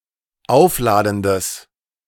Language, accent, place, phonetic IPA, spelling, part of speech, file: German, Germany, Berlin, [ˈaʊ̯fˌlaːdn̩dəs], aufladendes, adjective, De-aufladendes.ogg
- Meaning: strong/mixed nominative/accusative neuter singular of aufladend